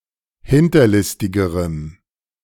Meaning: strong dative masculine/neuter singular comparative degree of hinterlistig
- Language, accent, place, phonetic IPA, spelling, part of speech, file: German, Germany, Berlin, [ˈhɪntɐˌlɪstɪɡəʁəm], hinterlistigerem, adjective, De-hinterlistigerem.ogg